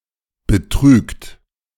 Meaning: inflection of betrügen: 1. third-person singular present 2. second-person plural present 3. plural imperative
- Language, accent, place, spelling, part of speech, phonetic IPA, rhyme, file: German, Germany, Berlin, betrügt, verb, [bəˈtʁyːkt], -yːkt, De-betrügt.ogg